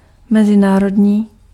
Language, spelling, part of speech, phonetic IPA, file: Czech, mezinárodní, adjective, [ˈmɛzɪnaːrodɲiː], Cs-mezinárodní.ogg
- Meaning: international